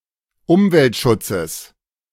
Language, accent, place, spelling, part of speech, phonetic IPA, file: German, Germany, Berlin, Umweltschutzes, noun, [ˈʊmvɛltˌʃʊt͡səs], De-Umweltschutzes.ogg
- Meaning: genitive singular of Umweltschutz